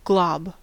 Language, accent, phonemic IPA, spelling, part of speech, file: English, US, /ɡlɑb/, glob, noun / verb, En-us-glob.ogg
- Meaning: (noun) 1. A round, shapeless or amorphous lump, as of a semisolid substance 2. A millimeter-sized colour module found beyond the visual area V2 in the brain's parvocellular pathway